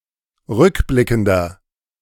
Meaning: inflection of rückblickend: 1. strong/mixed nominative masculine singular 2. strong genitive/dative feminine singular 3. strong genitive plural
- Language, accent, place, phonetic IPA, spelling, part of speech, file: German, Germany, Berlin, [ˈʁʏkˌblɪkn̩dɐ], rückblickender, adjective, De-rückblickender.ogg